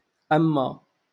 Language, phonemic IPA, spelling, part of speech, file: Moroccan Arabic, /ʔam.ma/, أما, conjunction, LL-Q56426 (ary)-أما.wav
- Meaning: 1. as for 2. but